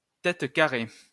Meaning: 1. stubborn, pigheaded, or hardheaded man 2. Anglophone (especially from an Anglophone part of Canada)
- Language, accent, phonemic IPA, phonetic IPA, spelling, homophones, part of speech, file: French, France, /tɛt ka.ʁe/, [tɛt ka.ʁe], tête carrée, têtes carrées, noun, LL-Q150 (fra)-tête carrée.wav